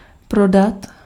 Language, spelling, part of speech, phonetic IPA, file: Czech, prodat, verb, [ˈprodat], Cs-prodat.ogg
- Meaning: to sell